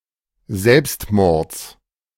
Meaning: genitive singular of Selbstmord "of suicide"
- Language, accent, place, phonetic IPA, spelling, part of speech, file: German, Germany, Berlin, [ˈzɛlpstˌmɔʁt͡s], Selbstmords, noun, De-Selbstmords.ogg